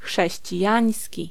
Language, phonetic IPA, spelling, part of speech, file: Polish, [ˌxʃɛɕt͡ɕiˈjä̃j̃sʲci], chrześcijański, adjective, Pl-chrześcijański.ogg